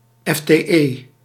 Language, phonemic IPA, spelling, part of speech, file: Dutch, /ˌɛfteˈʔe/, fte, noun, Nl-fte.ogg
- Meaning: full-time equivalent